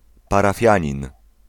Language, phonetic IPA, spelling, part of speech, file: Polish, [ˌparaˈfʲjä̃ɲĩn], parafianin, noun, Pl-parafianin.ogg